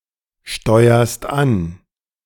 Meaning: second-person singular present of ansteuern
- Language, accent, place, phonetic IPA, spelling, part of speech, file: German, Germany, Berlin, [ˌʃtɔɪ̯ɐst ˈan], steuerst an, verb, De-steuerst an.ogg